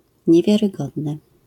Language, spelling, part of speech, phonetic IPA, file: Polish, niewiarygodny, adjective, [ˌɲɛvʲjarɨˈɡɔdnɨ], LL-Q809 (pol)-niewiarygodny.wav